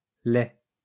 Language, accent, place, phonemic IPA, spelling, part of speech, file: French, France, Lyon, /lɛ/, laits, noun, LL-Q150 (fra)-laits.wav
- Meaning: plural of lait